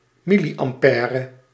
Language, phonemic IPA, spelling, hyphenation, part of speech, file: Dutch, /ˈmiliʔɑmˌpɛːrə/, milliampère, mil‧li‧am‧pè‧re, noun, Nl-milliampère.ogg
- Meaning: milli-ampere: one thousandth of an ampere